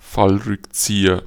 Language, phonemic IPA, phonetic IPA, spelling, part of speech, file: German, /ˈfalrʏkˌtsiːər/, [ˈfal.ʁʏkˌt͡siː.ɐ], Fallrückzieher, noun, De-Fallrückzieher.ogg
- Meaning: bicycle kick